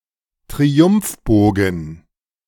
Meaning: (noun) triumphal arch; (proper noun) Arc de Triomphe
- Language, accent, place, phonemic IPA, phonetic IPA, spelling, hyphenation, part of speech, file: German, Germany, Berlin, /tʁiˈʊmfˌboːɡən/, [tʁiˈʊmfˌboːɡŋ̩], Triumphbogen, Tri‧umph‧bo‧gen, noun / proper noun, De-Triumphbogen.ogg